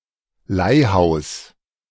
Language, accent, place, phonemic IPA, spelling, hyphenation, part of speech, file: German, Germany, Berlin, /ˈlaɪ̯ˌhaʊ̯s/, Leihhaus, Leih‧haus, noun, De-Leihhaus.ogg
- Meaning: pawnshop